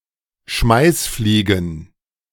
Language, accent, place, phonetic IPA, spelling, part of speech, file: German, Germany, Berlin, [ˈʃmaɪ̯sˌfliːɡn̩], Schmeißfliegen, noun, De-Schmeißfliegen.ogg
- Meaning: plural of Schmeißfliege